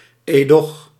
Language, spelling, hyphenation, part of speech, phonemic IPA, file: Dutch, edoch, edoch, conjunction, /eːˈdɔx/, Nl-edoch.ogg
- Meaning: but; more formal version of doch